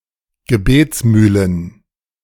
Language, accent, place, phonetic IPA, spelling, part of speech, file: German, Germany, Berlin, [ɡəˈbeːt͡sˌmyːlən], Gebetsmühlen, noun, De-Gebetsmühlen.ogg
- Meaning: plural of Gebetsmühle